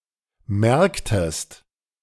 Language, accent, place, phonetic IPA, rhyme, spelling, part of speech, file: German, Germany, Berlin, [ˈmɛʁktəst], -ɛʁktəst, merktest, verb, De-merktest.ogg
- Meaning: inflection of merken: 1. second-person singular preterite 2. second-person singular subjunctive II